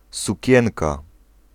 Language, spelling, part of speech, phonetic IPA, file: Polish, sukienka, noun, [suˈcɛ̃nka], Pl-sukienka.ogg